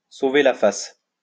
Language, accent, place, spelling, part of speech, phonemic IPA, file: French, France, Lyon, sauver la face, verb, /so.ve la fas/, LL-Q150 (fra)-sauver la face.wav
- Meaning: to save face